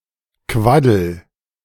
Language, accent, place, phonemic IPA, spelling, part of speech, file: German, Germany, Berlin, /ˈkvadl̩/, Quaddel, noun, De-Quaddel.ogg
- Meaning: hives, welt